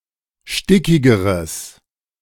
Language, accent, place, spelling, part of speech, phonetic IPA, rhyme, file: German, Germany, Berlin, stickigeres, adjective, [ˈʃtɪkɪɡəʁəs], -ɪkɪɡəʁəs, De-stickigeres.ogg
- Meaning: strong/mixed nominative/accusative neuter singular comparative degree of stickig